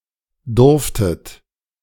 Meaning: second-person plural preterite of dürfen
- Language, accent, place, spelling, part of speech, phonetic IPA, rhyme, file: German, Germany, Berlin, durftet, verb, [ˈdʊʁftət], -ʊʁftət, De-durftet.ogg